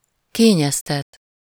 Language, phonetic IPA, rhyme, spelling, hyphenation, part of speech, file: Hungarian, [ˈkeːɲɛstɛt], -ɛt, kényeztet, ké‧nyez‧tet, verb, Hu-kényeztet.ogg
- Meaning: to pamper